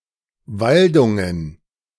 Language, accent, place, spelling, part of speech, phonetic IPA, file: German, Germany, Berlin, Waldungen, noun, [ˈvaldʊŋən], De-Waldungen.ogg
- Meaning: plural of Waldung